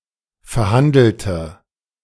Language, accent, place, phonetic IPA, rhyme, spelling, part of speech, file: German, Germany, Berlin, [fɛɐ̯ˈhandl̩tə], -andl̩tə, verhandelte, adjective / verb, De-verhandelte.ogg
- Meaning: inflection of verhandeln: 1. first/third-person singular preterite 2. first/third-person singular subjunctive II